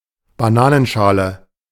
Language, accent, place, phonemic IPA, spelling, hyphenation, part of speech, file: German, Germany, Berlin, /baˈnaːnənˌʃaːlə/, Bananenschale, Ba‧na‧nen‧scha‧le, noun, De-Bananenschale.ogg
- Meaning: banana peel, banana skin